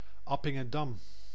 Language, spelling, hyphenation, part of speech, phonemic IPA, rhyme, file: Dutch, Appingedam, Ap‧pin‧ge‧dam, proper noun, /ˌɑ.pɪ.ŋəˈdɑm/, -ɑm, Nl-Appingedam.ogg
- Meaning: Appingedam (a city and former municipality of Eemsdelta, Groningen, Netherlands)